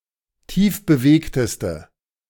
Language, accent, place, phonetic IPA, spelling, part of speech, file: German, Germany, Berlin, [ˈtiːfbəˌveːktəstə], tiefbewegteste, adjective, De-tiefbewegteste.ogg
- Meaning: inflection of tiefbewegt: 1. strong/mixed nominative/accusative feminine singular superlative degree 2. strong nominative/accusative plural superlative degree